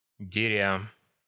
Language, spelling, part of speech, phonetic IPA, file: Russian, деря, verb, [dʲɪˈrʲa], Ru-деря.ogg
- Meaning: present adverbial imperfective participle of драть (dratʹ)